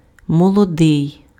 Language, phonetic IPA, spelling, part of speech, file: Ukrainian, [mɔɫɔˈdɪi̯], молодий, adjective, Uk-молодий.ogg
- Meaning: young